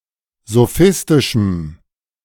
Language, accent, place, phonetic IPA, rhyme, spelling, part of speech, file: German, Germany, Berlin, [zoˈfɪstɪʃm̩], -ɪstɪʃm̩, sophistischem, adjective, De-sophistischem.ogg
- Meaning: strong dative masculine/neuter singular of sophistisch